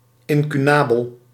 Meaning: incunable
- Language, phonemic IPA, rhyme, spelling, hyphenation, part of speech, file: Dutch, /ˌɪn.kyˈnaː.bəl/, -aːbəl, incunabel, in‧cu‧na‧bel, noun, Nl-incunabel.ogg